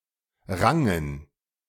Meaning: first/third-person plural preterite of ringen
- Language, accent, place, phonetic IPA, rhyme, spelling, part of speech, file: German, Germany, Berlin, [ˈʁaŋən], -aŋən, rangen, verb, De-rangen.ogg